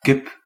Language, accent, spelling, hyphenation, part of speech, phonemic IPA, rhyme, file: Dutch, Belgium, kip, kip, noun, /kɪp/, -ɪp, Nl-kip.ogg
- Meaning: 1. a chicken, Gallus gallus domesticus 2. a female chicken, a hen 3. synonym of politieagent 4. Kip, currency in Laos